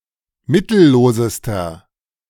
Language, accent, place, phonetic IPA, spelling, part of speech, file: German, Germany, Berlin, [ˈmɪtl̩ˌloːzəstɐ], mittellosester, adjective, De-mittellosester.ogg
- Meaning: inflection of mittellos: 1. strong/mixed nominative masculine singular superlative degree 2. strong genitive/dative feminine singular superlative degree 3. strong genitive plural superlative degree